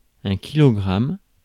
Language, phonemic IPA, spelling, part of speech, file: French, /ki.lɔ.ɡʁam/, kilogramme, noun, Fr-kilogramme.ogg
- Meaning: kilogram